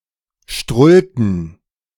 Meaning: inflection of strullen: 1. first/third-person plural preterite 2. first/third-person plural subjunctive II
- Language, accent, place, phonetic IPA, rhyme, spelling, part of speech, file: German, Germany, Berlin, [ˈʃtʁʊltn̩], -ʊltn̩, strullten, verb, De-strullten.ogg